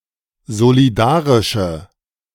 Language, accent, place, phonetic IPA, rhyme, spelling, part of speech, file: German, Germany, Berlin, [zoliˈdaːʁɪʃə], -aːʁɪʃə, solidarische, adjective, De-solidarische.ogg
- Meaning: inflection of solidarisch: 1. strong/mixed nominative/accusative feminine singular 2. strong nominative/accusative plural 3. weak nominative all-gender singular